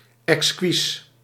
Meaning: exquisite
- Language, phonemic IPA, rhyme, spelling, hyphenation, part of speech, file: Dutch, /ɛksˈkis/, -is, exquis, ex‧quis, adjective, Nl-exquis.ogg